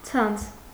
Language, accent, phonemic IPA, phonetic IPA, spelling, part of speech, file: Armenian, Eastern Armenian, /t͡sʰɑnt͡sʰ/, [t͡sʰɑnt͡sʰ], ցանց, noun, Hy-ցանց.ogg
- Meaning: 1. net, netting 2. network; chain (series of stores or businesses with the same brand name) 3. network